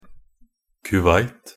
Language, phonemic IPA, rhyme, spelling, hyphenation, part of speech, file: Norwegian Bokmål, /kʉˈʋaɪt/, -aɪt, Kuwait, Ku‧wait, proper noun, Nb-kuwait.ogg
- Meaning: 1. Kuwait (a country in West Asia in the Middle East) 2. Kuwait (the capital city of Kuwait)